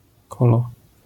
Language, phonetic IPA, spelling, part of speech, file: Polish, [ˈkɔlɔ], kolo, noun, LL-Q809 (pol)-kolo.wav